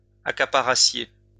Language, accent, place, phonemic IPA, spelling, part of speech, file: French, France, Lyon, /a.ka.pa.ʁa.sje/, accaparassiez, verb, LL-Q150 (fra)-accaparassiez.wav
- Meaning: second-person plural imperfect subjunctive of accaparer